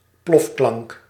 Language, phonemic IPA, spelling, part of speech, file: Dutch, /ˈplɔfklɑŋk/, plofklank, noun, Nl-plofklank.ogg
- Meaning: plosive